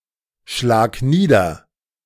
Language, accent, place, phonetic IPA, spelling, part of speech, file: German, Germany, Berlin, [ˌʃlaːk ˈniːdɐ], schlag nieder, verb, De-schlag nieder.ogg
- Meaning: singular imperative of niederschlagen